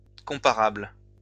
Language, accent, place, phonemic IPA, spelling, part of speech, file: French, France, Lyon, /kɔ̃.pa.ʁabl/, comparables, adjective, LL-Q150 (fra)-comparables.wav
- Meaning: plural of comparable